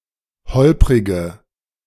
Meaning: inflection of holprig: 1. strong/mixed nominative/accusative feminine singular 2. strong nominative/accusative plural 3. weak nominative all-gender singular 4. weak accusative feminine/neuter singular
- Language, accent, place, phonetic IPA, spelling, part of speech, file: German, Germany, Berlin, [ˈhɔlpʁɪɡə], holprige, adjective, De-holprige.ogg